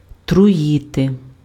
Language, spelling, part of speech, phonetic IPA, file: Ukrainian, труїти, verb, [trʊˈjite], Uk-труїти.ogg
- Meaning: to poison